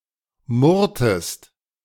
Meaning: inflection of murren: 1. second-person singular preterite 2. second-person singular subjunctive II
- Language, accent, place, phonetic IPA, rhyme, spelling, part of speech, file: German, Germany, Berlin, [ˈmʊʁtəst], -ʊʁtəst, murrtest, verb, De-murrtest.ogg